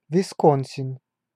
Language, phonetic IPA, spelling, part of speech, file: Russian, [vʲɪˈskon⁽ʲ⁾sʲɪn], Висконсин, proper noun, Ru-Висконсин.ogg
- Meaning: 1. Wisconsin (a state in the Upper Midwest region of the United States) 2. Wisconsin (a river in the United States that flows from northern Wisconsin into the Mississippi)